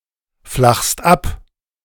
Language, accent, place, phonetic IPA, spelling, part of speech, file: German, Germany, Berlin, [ˌflaxst ˈap], flachst ab, verb, De-flachst ab.ogg
- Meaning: second-person singular present of abflachen